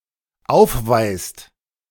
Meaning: inflection of aufweisen: 1. second/third-person singular dependent present 2. second-person plural dependent present
- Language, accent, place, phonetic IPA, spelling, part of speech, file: German, Germany, Berlin, [ˈaʊ̯fˌvaɪ̯st], aufweist, verb, De-aufweist.ogg